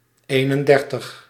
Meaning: thirty-one
- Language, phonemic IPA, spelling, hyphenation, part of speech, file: Dutch, /ˈeː.nənˌdɛr.təx/, eenendertig, een‧en‧der‧tig, numeral, Nl-eenendertig.ogg